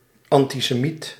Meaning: anti-Semite
- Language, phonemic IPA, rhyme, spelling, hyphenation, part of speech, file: Dutch, /ˌɑn.ti.seːˈmit/, -it, antisemiet, an‧ti‧se‧miet, noun, Nl-antisemiet.ogg